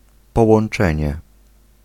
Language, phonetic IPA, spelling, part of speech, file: Polish, [ˌpɔwɔ̃n͇ˈt͡ʃɛ̃ɲɛ], połączenie, noun, Pl-połączenie.ogg